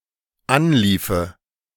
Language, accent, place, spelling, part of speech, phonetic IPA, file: German, Germany, Berlin, anliefe, verb, [ˈanˌliːfə], De-anliefe.ogg
- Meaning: first/third-person singular dependent subjunctive II of anlaufen